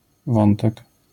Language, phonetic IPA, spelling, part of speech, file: Polish, [ˈvɔ̃ntɛk], wątek, noun, LL-Q809 (pol)-wątek.wav